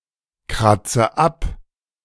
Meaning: inflection of abkratzen: 1. first-person singular present 2. first/third-person singular subjunctive I 3. singular imperative
- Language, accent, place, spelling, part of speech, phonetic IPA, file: German, Germany, Berlin, kratze ab, verb, [ˌkʁat͡sə ˈap], De-kratze ab.ogg